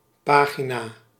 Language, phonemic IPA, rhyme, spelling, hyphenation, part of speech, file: Dutch, /ˈpaːɣinaː/, -aːɣinaː, pagina, pa‧gi‧na, noun, Nl-pagina.ogg
- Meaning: page